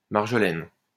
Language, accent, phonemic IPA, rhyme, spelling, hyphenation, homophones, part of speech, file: French, France, /maʁ.ʒɔ.lɛn/, -ɛn, marjolaine, mar‧jo‧laine, marjolaines, noun, LL-Q150 (fra)-marjolaine.wav
- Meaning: marjoram